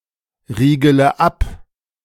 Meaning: inflection of abriegeln: 1. first-person singular present 2. first-person plural subjunctive I 3. third-person singular subjunctive I 4. singular imperative
- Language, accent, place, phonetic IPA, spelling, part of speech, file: German, Germany, Berlin, [ˌʁiːɡələ ˈap], riegele ab, verb, De-riegele ab.ogg